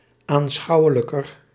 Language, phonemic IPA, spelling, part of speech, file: Dutch, /anˈsxɑuwələkər/, aanschouwelijker, adjective, Nl-aanschouwelijker.ogg
- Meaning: comparative degree of aanschouwelijk